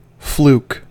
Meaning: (noun) A lucky or improbable occurrence that could probably never be repeated; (verb) 1. To obtain a successful outcome by pure chance 2. To fortuitously pot a ball in an unintended way
- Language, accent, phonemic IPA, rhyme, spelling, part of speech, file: English, US, /fluk/, -uːk, fluke, noun / verb, En-us-fluke.ogg